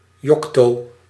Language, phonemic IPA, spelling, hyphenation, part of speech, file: Dutch, /ˈjɔk.toː-/, yocto-, yoc‧to-, prefix, Nl-yocto-.ogg
- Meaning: yocto- (10⁻²⁴)